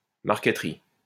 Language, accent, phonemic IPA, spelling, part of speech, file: French, France, /maʁ.kə.t(ə).ʁi/, marqueterie, noun, LL-Q150 (fra)-marqueterie.wav
- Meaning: marquetry